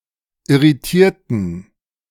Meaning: inflection of irritieren: 1. first/third-person plural preterite 2. first/third-person plural subjunctive II
- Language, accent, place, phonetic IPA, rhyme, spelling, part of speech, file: German, Germany, Berlin, [ɪʁiˈtiːɐ̯tn̩], -iːɐ̯tn̩, irritierten, adjective / verb, De-irritierten.ogg